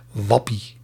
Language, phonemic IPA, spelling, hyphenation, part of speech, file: Dutch, /ˈʋɑ.pi/, wappie, wap‧pie, noun / adjective, Nl-wappie.ogg
- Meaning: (noun) 1. a fool who is so lost in their delusions, a weirdo 2. a crackpot, a conspiracy theorist; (adjective) high (intoxicated by recreational drugs, esp. when found pleasant or comforting)